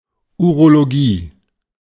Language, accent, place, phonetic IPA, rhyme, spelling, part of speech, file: German, Germany, Berlin, [uʁoloˈɡiː], -iː, Urologie, noun, De-Urologie.ogg
- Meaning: urology